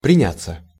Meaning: 1. to set about, to start doing 2. to take in hand, to deal with 3. to take root
- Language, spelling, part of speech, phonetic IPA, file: Russian, приняться, verb, [prʲɪˈnʲat͡sːə], Ru-приняться.ogg